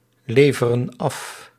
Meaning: inflection of afleveren: 1. plural present indicative 2. plural present subjunctive
- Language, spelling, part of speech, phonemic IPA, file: Dutch, leveren af, verb, /ˈlevərə(n) ˈɑf/, Nl-leveren af.ogg